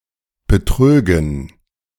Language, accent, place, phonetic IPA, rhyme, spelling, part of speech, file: German, Germany, Berlin, [bəˈtʁøːɡn̩], -øːɡn̩, betrögen, verb, De-betrögen.ogg
- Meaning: first/third-person plural subjunctive II of betrügen